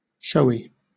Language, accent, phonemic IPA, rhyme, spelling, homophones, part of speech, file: English, Southern England, /ˈʃəʊ.i/, -əʊi, showy, showie, adjective, LL-Q1860 (eng)-showy.wav
- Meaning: 1. Calling attention; flashy; standing out to the eye 2. Making a striking or aesthetically pleasing display